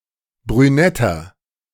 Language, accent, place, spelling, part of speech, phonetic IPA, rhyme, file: German, Germany, Berlin, brünetter, adjective, [bʁyˈnɛtɐ], -ɛtɐ, De-brünetter.ogg
- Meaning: inflection of brünett: 1. strong/mixed nominative masculine singular 2. strong genitive/dative feminine singular 3. strong genitive plural